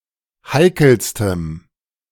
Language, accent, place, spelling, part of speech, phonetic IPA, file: German, Germany, Berlin, heikelstem, adjective, [ˈhaɪ̯kl̩stəm], De-heikelstem.ogg
- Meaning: strong dative masculine/neuter singular superlative degree of heikel